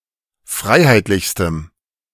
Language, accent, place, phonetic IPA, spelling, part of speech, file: German, Germany, Berlin, [ˈfʁaɪ̯haɪ̯tlɪçstəm], freiheitlichstem, adjective, De-freiheitlichstem.ogg
- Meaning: strong dative masculine/neuter singular superlative degree of freiheitlich